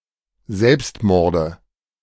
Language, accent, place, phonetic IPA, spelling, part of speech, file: German, Germany, Berlin, [ˈzɛlpstˌmɔʁdə], Selbstmorde, noun, De-Selbstmorde.ogg
- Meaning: nominative/accusative/genitive plural of Selbstmord